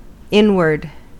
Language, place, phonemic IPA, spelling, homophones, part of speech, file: English, California, /ˈɪnwɚd/, inward, n-word, adjective / adverb / noun, En-us-inward.ogg
- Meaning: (adjective) Situated on the inside; that is within, inner; belonging to the inside